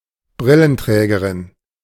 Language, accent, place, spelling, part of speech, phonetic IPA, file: German, Germany, Berlin, Brillenträgerin, noun, [ˈbʁɪlənˌtʁɛːɡəʁɪn], De-Brillenträgerin.ogg
- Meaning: glasses-wearing woman